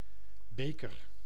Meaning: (noun) 1. beaker, cup, chalice (drinking vessel, often but not always without a handle, generally not made of glass) 2. cup (trophy)
- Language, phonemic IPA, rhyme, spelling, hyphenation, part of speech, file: Dutch, /ˈbeː.kər/, -eːkər, beker, be‧ker, noun / verb, Nl-beker.ogg